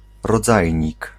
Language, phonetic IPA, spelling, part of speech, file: Polish, [rɔˈd͡zajɲik], rodzajnik, noun, Pl-rodzajnik.ogg